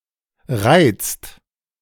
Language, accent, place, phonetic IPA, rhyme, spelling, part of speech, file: German, Germany, Berlin, [ʁaɪ̯t͡st], -aɪ̯t͡st, reizt, verb, De-reizt.ogg
- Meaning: inflection of reizen: 1. second/third-person singular present 2. second-person plural present 3. plural imperative